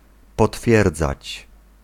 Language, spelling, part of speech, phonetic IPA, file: Polish, potwierdzać, verb, [pɔˈtfʲjɛrd͡zat͡ɕ], Pl-potwierdzać.ogg